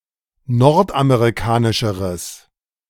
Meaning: strong/mixed nominative/accusative neuter singular comparative degree of nordamerikanisch
- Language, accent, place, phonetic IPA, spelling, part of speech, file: German, Germany, Berlin, [ˈnɔʁtʔameʁiˌkaːnɪʃəʁəs], nordamerikanischeres, adjective, De-nordamerikanischeres.ogg